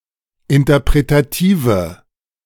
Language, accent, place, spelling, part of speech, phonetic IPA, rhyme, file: German, Germany, Berlin, interpretative, adjective, [ɪntɐpʁetaˈtiːvə], -iːvə, De-interpretative.ogg
- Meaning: inflection of interpretativ: 1. strong/mixed nominative/accusative feminine singular 2. strong nominative/accusative plural 3. weak nominative all-gender singular